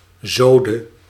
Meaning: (noun) turf, sod; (verb) singular past subjunctive of zieden
- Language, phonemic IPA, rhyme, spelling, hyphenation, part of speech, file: Dutch, /ˈzoː.də/, -oːdə, zode, zo‧de, noun / verb, Nl-zode.ogg